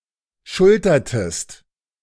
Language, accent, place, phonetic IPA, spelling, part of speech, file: German, Germany, Berlin, [ˈʃʊltɐtəst], schultertest, verb, De-schultertest.ogg
- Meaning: inflection of schultern: 1. second-person singular preterite 2. second-person singular subjunctive II